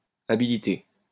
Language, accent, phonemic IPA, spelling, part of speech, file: French, France, /a.bi.li.te/, habiliter, verb, LL-Q150 (fra)-habiliter.wav
- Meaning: to habilitate